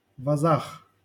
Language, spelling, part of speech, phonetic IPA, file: Russian, возах, noun, [vɐˈzax], LL-Q7737 (rus)-возах.wav
- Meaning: prepositional plural of воз (voz)